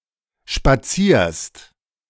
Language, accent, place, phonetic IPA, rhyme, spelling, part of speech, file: German, Germany, Berlin, [ʃpaˈt͡siːɐ̯st], -iːɐ̯st, spazierst, verb, De-spazierst.ogg
- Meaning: second-person singular present of spazieren